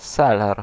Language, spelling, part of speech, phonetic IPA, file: Polish, seler, noun, [ˈsɛlɛr], Pl-seler.ogg